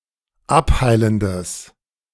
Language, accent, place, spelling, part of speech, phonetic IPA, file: German, Germany, Berlin, abheilendes, adjective, [ˈapˌhaɪ̯ləndəs], De-abheilendes.ogg
- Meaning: strong/mixed nominative/accusative neuter singular of abheilend